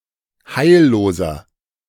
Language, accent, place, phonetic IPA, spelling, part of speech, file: German, Germany, Berlin, [ˈhaɪ̯lloːzɐ], heilloser, adjective, De-heilloser.ogg
- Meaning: inflection of heillos: 1. strong/mixed nominative masculine singular 2. strong genitive/dative feminine singular 3. strong genitive plural